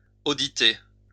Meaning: to audit
- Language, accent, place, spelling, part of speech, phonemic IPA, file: French, France, Lyon, auditer, verb, /o.di.te/, LL-Q150 (fra)-auditer.wav